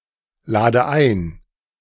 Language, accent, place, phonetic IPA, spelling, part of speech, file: German, Germany, Berlin, [ˌlaːdə ˈaɪ̯n], lade ein, verb, De-lade ein.ogg
- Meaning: inflection of einladen: 1. first-person singular present 2. first/third-person singular subjunctive I 3. singular imperative